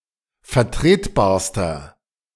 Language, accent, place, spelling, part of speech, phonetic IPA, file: German, Germany, Berlin, vertretbarster, adjective, [fɛɐ̯ˈtʁeːtˌbaːɐ̯stɐ], De-vertretbarster.ogg
- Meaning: inflection of vertretbar: 1. strong/mixed nominative masculine singular superlative degree 2. strong genitive/dative feminine singular superlative degree 3. strong genitive plural superlative degree